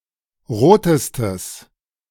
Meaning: strong/mixed nominative/accusative neuter singular superlative degree of rot
- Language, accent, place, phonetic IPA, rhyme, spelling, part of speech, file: German, Germany, Berlin, [ˈʁoːtəstəs], -oːtəstəs, rotestes, adjective, De-rotestes.ogg